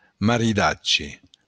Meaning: marriage
- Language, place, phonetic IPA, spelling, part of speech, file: Occitan, Béarn, [mariˈðadʒe], maridatge, noun, LL-Q14185 (oci)-maridatge.wav